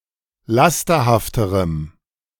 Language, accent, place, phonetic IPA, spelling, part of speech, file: German, Germany, Berlin, [ˈlastɐhaftəʁəm], lasterhafterem, adjective, De-lasterhafterem.ogg
- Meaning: strong dative masculine/neuter singular comparative degree of lasterhaft